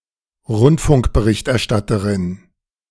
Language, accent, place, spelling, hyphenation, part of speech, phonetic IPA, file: German, Germany, Berlin, Rundfunkberichterstatterin, Rund‧funk‧be‧richt‧er‧stat‧te‧rin, noun, [ˈʁʊntfʊŋkbəˈʁɪçtʔɛɐ̯ˌʃtatəʁɪn], De-Rundfunkberichterstatterin.ogg
- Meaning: female equivalent of Rundfunkberichterstatter